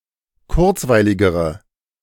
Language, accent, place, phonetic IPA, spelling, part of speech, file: German, Germany, Berlin, [ˈkʊʁt͡svaɪ̯lɪɡəʁə], kurzweiligere, adjective, De-kurzweiligere.ogg
- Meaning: inflection of kurzweilig: 1. strong/mixed nominative/accusative feminine singular comparative degree 2. strong nominative/accusative plural comparative degree